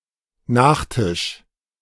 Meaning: dessert, pudding (UK)
- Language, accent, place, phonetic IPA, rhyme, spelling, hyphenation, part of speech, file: German, Germany, Berlin, [ˈnaːχˌtɪʃ], -ɪʃ, Nachtisch, Nach‧tisch, noun, De-Nachtisch.ogg